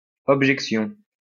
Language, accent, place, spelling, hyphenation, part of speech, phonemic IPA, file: French, France, Lyon, objection, ob‧jec‧tion, noun, /ɔb.ʒɛk.sjɔ̃/, LL-Q150 (fra)-objection.wav
- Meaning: objection (all meanings)